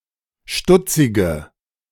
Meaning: inflection of stutzig: 1. strong/mixed nominative/accusative feminine singular 2. strong nominative/accusative plural 3. weak nominative all-gender singular 4. weak accusative feminine/neuter singular
- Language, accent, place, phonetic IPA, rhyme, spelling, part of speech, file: German, Germany, Berlin, [ˈʃtʊt͡sɪɡə], -ʊt͡sɪɡə, stutzige, adjective, De-stutzige.ogg